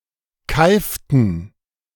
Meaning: inflection of keifen: 1. first/third-person plural preterite 2. first/third-person plural subjunctive II
- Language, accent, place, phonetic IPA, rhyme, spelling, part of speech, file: German, Germany, Berlin, [ˈkaɪ̯ftn̩], -aɪ̯ftn̩, keiften, verb, De-keiften.ogg